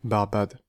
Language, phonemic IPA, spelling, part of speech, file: French, /baʁ.bad/, Barbade, proper noun, Fr-Barbade.ogg
- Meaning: Barbados (an island and country in the Caribbean)